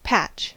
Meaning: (noun) A piece of cloth, or other suitable material, sewed or otherwise fixed upon a garment to repair or strengthen it, especially upon an old garment to cover a hole
- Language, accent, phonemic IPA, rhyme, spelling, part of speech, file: English, US, /pæt͡ʃ/, -ætʃ, patch, noun / verb, En-us-patch.ogg